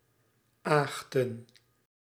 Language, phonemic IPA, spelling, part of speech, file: Dutch, /ˈaxtə(n)/, aagten, noun, Nl-aagten.ogg
- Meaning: plural of aagt